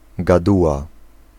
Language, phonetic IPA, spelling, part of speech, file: Polish, [ɡaˈduwa], gaduła, noun, Pl-gaduła.ogg